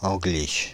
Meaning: Englishman/Englishwoman
- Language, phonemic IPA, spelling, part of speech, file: French, /ɑ̃.ɡliʃ/, Angliche, noun, Fr-Angliche.ogg